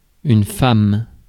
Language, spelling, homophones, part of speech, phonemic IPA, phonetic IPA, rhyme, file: French, femme, femmes, noun, /fam/, [fɑ̃m], -am, Fr-femme.ogg
- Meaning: 1. woman 2. wife 3. alternative form of fem (“femme, feminine lesbian”) (contrast butch)